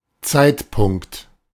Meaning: moment (instant of time), point in time, a timepoint
- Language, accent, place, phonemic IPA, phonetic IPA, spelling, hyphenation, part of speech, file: German, Germany, Berlin, /ˈtsaɪ̯tˌpʊŋkt/, [ˈtsaɪ̯tʰˌpʰʊŋktʰ], Zeitpunkt, Zeit‧punkt, noun, De-Zeitpunkt.ogg